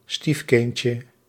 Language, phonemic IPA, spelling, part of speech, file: Dutch, /ˈstifkɪncə/, stiefkindje, noun, Nl-stiefkindje.ogg
- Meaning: diminutive of stiefkind